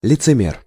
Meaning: hypocrite
- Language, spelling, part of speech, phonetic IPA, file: Russian, лицемер, noun, [lʲɪt͡sɨˈmʲer], Ru-лицемер.ogg